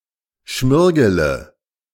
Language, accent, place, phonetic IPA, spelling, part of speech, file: German, Germany, Berlin, [ˈʃmɪʁɡələ], schmirgele, verb, De-schmirgele.ogg
- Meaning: inflection of schmirgeln: 1. first-person singular present 2. first/third-person singular subjunctive I 3. singular imperative